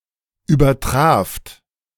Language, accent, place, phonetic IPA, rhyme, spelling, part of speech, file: German, Germany, Berlin, [yːbɐˈtʁaːft], -aːft, übertraft, verb, De-übertraft.ogg
- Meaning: second-person plural preterite of übertreffen